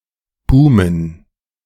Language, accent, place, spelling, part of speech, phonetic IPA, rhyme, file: German, Germany, Berlin, boomen, verb, [ˈbuːmən], -uːmən, De-boomen.ogg
- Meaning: to boom (to flourish, grow, or progress)